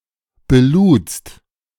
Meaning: second-person singular preterite of beladen
- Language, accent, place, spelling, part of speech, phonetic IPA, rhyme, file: German, Germany, Berlin, beludst, verb, [beˈluːt͡st], -uːt͡st, De-beludst.ogg